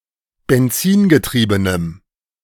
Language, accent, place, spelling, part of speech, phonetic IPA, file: German, Germany, Berlin, benzinbetriebenem, adjective, [bɛnˈt͡siːnbəˌtʁiːbənəm], De-benzinbetriebenem.ogg
- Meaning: strong dative masculine/neuter singular of benzinbetrieben